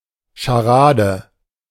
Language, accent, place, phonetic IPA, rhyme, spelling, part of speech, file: German, Germany, Berlin, [ʃaˈʁaːdə], -aːdə, Scharade, noun, De-Scharade.ogg
- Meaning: charade